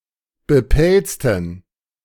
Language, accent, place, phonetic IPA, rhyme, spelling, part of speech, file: German, Germany, Berlin, [bəˈpɛlt͡stn̩], -ɛlt͡stn̩, bepelzten, adjective, De-bepelzten.ogg
- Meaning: inflection of bepelzt: 1. strong genitive masculine/neuter singular 2. weak/mixed genitive/dative all-gender singular 3. strong/weak/mixed accusative masculine singular 4. strong dative plural